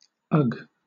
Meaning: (noun) 1. A feeling of fear, horror or disgust 2. An object of disgust 3. Vomited matter 4. A surfeit; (verb) 1. To dread, loathe or disgust 2. To fear, be horrified; shudder with horror 3. To vomit
- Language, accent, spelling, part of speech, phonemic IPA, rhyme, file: English, Southern England, ug, noun / verb / adjective, /ʌɡ/, -ʌɡ, LL-Q1860 (eng)-ug.wav